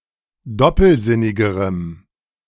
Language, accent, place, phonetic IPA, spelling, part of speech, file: German, Germany, Berlin, [ˈdɔpl̩ˌzɪnɪɡəʁəm], doppelsinnigerem, adjective, De-doppelsinnigerem.ogg
- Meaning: strong dative masculine/neuter singular comparative degree of doppelsinnig